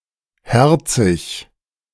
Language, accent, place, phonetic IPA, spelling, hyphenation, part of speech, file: German, Germany, Berlin, [ˈhɛʁtsɪç], herzig, her‧zig, adjective, De-herzig.ogg
- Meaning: sweet (having a pleasing disposition); cute